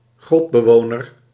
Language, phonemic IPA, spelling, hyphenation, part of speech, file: Dutch, /ˈɣrɔt.bəˌʋoː.nər/, grotbewoner, grot‧be‧wo‧ner, noun, Nl-grotbewoner.ogg
- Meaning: one (human or animal) who inhabits a cave; a troglodyte